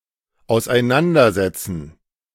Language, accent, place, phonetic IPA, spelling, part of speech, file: German, Germany, Berlin, [aʊ̯sʔaɪ̯ˈnandɐzɛt͡sn̩], auseinandersetzen, verb, De-auseinandersetzen.ogg
- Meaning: 1. to deal with, to occupy oneself with, to look into, to think about 2. to explain, to make understandable 3. to disassemble, to take apart 4. to seat (someone) away from (someone else)